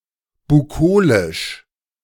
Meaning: bucolic
- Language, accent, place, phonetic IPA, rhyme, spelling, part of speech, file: German, Germany, Berlin, [buˈkoːlɪʃ], -oːlɪʃ, bukolisch, adjective, De-bukolisch.ogg